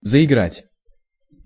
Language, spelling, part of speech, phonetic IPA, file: Russian, заиграть, verb, [zəɪˈɡratʲ], Ru-заиграть.ogg
- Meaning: 1. to begin to play 2. to begin to sparkle 3. to look to advantage, to stand out 4. to spoil/wear out by playing 5. to run down, to exhaust, to overuse, to overwear (by repetition)